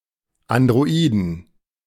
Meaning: 1. genitive singular of Android 2. plural of Android
- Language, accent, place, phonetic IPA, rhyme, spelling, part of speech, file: German, Germany, Berlin, [andʁoˈiːdn̩], -iːdn̩, Androiden, noun, De-Androiden.ogg